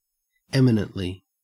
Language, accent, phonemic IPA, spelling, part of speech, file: English, Australia, /ˈɛmɪnəntli/, eminently, adverb, En-au-eminently.ogg
- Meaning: 1. In an eminent or prominent manner 2. To a great degree; notably; highly